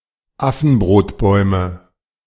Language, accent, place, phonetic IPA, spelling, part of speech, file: German, Germany, Berlin, [ˈafn̩bʁoːtˌbɔɪ̯mə], Affenbrotbäume, noun, De-Affenbrotbäume.ogg
- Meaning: nominative/accusative/genitive plural of Affenbrotbaum